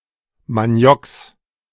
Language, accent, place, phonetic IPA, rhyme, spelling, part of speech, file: German, Germany, Berlin, [maˈni̯ɔks], -ɔks, Manioks, noun, De-Manioks.ogg
- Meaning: genitive singular of Maniok